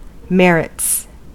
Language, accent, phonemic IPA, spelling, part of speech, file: English, US, /ˈmɛɹ.ɪts/, merits, noun / verb, En-us-merits.ogg
- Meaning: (noun) 1. plural of merit 2. Intrinsic advantages, as opposed to political or procedural advantages 3. Substance, distinguished from form or procedure